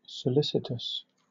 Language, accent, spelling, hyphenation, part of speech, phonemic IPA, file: English, Southern England, solicitous, so‧lic‧i‧tous, adjective, /səˈlɪsɪtəs/, LL-Q1860 (eng)-solicitous.wav
- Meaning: 1. Disposed to solicit; eager to obtain something desirable, or to avoid anything evil 2. Showing care, concern, or attention, in any of several ways: In a conscientious way, often with kindness